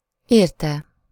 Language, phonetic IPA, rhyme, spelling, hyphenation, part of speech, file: Hungarian, [ˈeːrtɛ], -tɛ, érte, ér‧te, pronoun / verb, Hu-érte.ogg
- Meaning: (pronoun) for him / her / it; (verb) 1. third-person singular indicative past definite of ér 2. verbal participle of ér